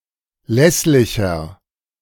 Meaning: 1. comparative degree of lässlich 2. inflection of lässlich: strong/mixed nominative masculine singular 3. inflection of lässlich: strong genitive/dative feminine singular
- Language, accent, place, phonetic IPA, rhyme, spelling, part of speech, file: German, Germany, Berlin, [ˈlɛslɪçɐ], -ɛslɪçɐ, lässlicher, adjective, De-lässlicher.ogg